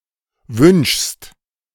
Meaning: second-person singular present of wünschen
- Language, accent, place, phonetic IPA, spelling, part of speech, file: German, Germany, Berlin, [vʏnʃst], wünschst, verb, De-wünschst.ogg